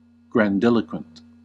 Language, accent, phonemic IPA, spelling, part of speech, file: English, US, /ɡɹænˈdɪl.ə.kwənt/, grandiloquent, adjective, En-us-grandiloquent.ogg
- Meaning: Given to using language in a showy way by using an excessive number of difficult words to impress others; bombastic; turgid